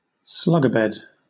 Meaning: A lazy person who lies in bed after the usual time for getting up; a sluggard
- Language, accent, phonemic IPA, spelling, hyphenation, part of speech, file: English, Southern England, /ˈslʌɡəbɛd/, slugabed, slug‧a‧bed, noun, LL-Q1860 (eng)-slugabed.wav